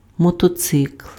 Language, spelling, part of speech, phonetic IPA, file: Ukrainian, мотоцикл, noun, [mɔtɔˈt͡sɪkɫ], Uk-мотоцикл.ogg
- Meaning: motorcycle, motorbike